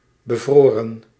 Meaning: 1. inflection of bevriezen: plural past indicative 2. inflection of bevriezen: plural past subjunctive 3. past participle of bevriezen
- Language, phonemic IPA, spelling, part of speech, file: Dutch, /bəˈvrorə(n)/, bevroren, adjective / verb, Nl-bevroren.ogg